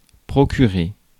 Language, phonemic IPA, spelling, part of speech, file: French, /pʁɔ.ky.ʁe/, procurer, verb, Fr-procurer.ogg
- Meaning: to get, obtain (for someone)